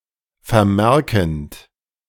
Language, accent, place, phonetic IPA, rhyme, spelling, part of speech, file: German, Germany, Berlin, [fɛɐ̯ˈmɛʁkn̩t], -ɛʁkn̩t, vermerkend, verb, De-vermerkend.ogg
- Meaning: present participle of vermerken